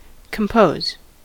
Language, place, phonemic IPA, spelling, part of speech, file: English, California, /kəmˈpoʊz/, compose, verb, En-us-compose.ogg
- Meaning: 1. To make something by merging parts 2. To make up the whole; to constitute 3. To comprise 4. To construct by mental labor; to think up; particularly, to produce or create a literary or musical work